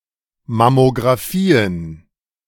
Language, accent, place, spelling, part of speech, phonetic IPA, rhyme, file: German, Germany, Berlin, Mammografien, noun, [mamoɡʁaˈfiːən], -iːən, De-Mammografien.ogg
- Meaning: plural of Mammografie